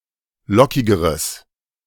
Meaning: strong/mixed nominative/accusative neuter singular comparative degree of lockig
- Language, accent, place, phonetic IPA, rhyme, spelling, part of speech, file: German, Germany, Berlin, [ˈlɔkɪɡəʁəs], -ɔkɪɡəʁəs, lockigeres, adjective, De-lockigeres.ogg